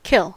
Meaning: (verb) 1. To put to death; to extinguish the life of 2. To render inoperative 3. To stop, cease, or render void; to terminate 4. To amaze, exceed, stun, or otherwise incapacitate
- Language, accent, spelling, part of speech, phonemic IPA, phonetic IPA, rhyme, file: English, US, kill, verb / noun, /ˈkɪl/, [ˈkʰɪɫ], -ɪl, En-us-kill.ogg